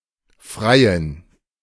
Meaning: baroness (unmarried daughter of a baron)
- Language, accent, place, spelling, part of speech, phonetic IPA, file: German, Germany, Berlin, Freiin, noun, [ˈfʀaɪ̯ɪn], De-Freiin.ogg